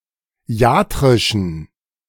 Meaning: inflection of iatrisch: 1. strong genitive masculine/neuter singular 2. weak/mixed genitive/dative all-gender singular 3. strong/weak/mixed accusative masculine singular 4. strong dative plural
- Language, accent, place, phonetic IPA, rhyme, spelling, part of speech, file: German, Germany, Berlin, [ˈi̯aːtʁɪʃn̩], -aːtʁɪʃn̩, iatrischen, adjective, De-iatrischen.ogg